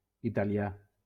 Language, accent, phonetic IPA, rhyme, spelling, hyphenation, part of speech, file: Catalan, Valencia, [i.ta.liˈa], -a, italià, i‧ta‧li‧à, adjective / noun, LL-Q7026 (cat)-italià.wav
- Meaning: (adjective) Italian (pertaining to the country of Italy, the Italian people, or to the Italian language); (noun) Italian (an inhabitant of Italy)